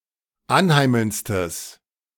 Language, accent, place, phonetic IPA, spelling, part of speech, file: German, Germany, Berlin, [ˈanˌhaɪ̯ml̩nt͡stəs], anheimelndstes, adjective, De-anheimelndstes.ogg
- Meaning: strong/mixed nominative/accusative neuter singular superlative degree of anheimelnd